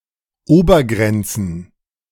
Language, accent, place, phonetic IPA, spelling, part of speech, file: German, Germany, Berlin, [ˈoːbɐˌɡʁɛnt͡sn̩], Obergrenzen, noun, De-Obergrenzen.ogg
- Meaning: plural of Obergrenze